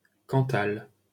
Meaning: Cantal (a department of Auvergne-Rhône-Alpes, France)
- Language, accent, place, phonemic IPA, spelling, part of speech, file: French, France, Paris, /kɑ̃.tal/, Cantal, proper noun, LL-Q150 (fra)-Cantal.wav